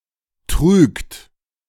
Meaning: inflection of trügen: 1. third-person singular present 2. second-person plural present 3. plural imperative
- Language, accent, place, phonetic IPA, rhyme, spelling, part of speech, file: German, Germany, Berlin, [tʁyːkt], -yːkt, trügt, verb, De-trügt.ogg